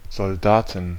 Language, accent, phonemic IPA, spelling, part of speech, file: German, Germany, /zɔlˈdaːtn/, Soldaten, noun, De-Soldaten.ogg
- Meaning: 1. genitive singular of Soldat 2. dative singular of Soldat 3. accusative singular of Soldat 4. nominative plural of Soldat 5. genitive plural of Soldat 6. dative plural of Soldat